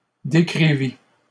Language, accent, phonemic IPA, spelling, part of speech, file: French, Canada, /de.kʁi.vi/, décrivis, verb, LL-Q150 (fra)-décrivis.wav
- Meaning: first/second-person singular past historic of décrire